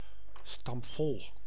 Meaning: packed, crowded (filled to capacity)
- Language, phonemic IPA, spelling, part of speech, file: Dutch, /ˈstɑmp.vɔl/, stampvol, adjective, Nl-stampvol.ogg